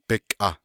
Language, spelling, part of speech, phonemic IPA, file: Navajo, bikʼah, noun, /pɪ̀kʼɑ̀h/, Nv-bikʼah.ogg
- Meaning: his/her/its fat (that is produced within the body)